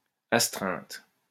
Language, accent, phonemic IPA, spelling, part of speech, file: French, France, /as.tʁɛ̃t/, astreinte, noun, LL-Q150 (fra)-astreinte.wav
- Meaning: 1. sanction 2. on-call duty